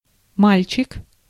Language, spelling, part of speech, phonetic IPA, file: Russian, мальчик, noun, [ˈmalʲt͡ɕɪk], Ru-мальчик.ogg
- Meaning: 1. boy 2. lad